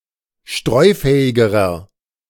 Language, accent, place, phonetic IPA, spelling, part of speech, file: German, Germany, Berlin, [ˈʃtʁɔɪ̯ˌfɛːɪɡəʁɐ], streufähigerer, adjective, De-streufähigerer.ogg
- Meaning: inflection of streufähig: 1. strong/mixed nominative masculine singular comparative degree 2. strong genitive/dative feminine singular comparative degree 3. strong genitive plural comparative degree